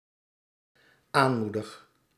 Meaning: first-person singular dependent-clause present indicative of aanmoedigen
- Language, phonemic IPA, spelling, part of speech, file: Dutch, /ˈanmudəx/, aanmoedig, verb, Nl-aanmoedig.ogg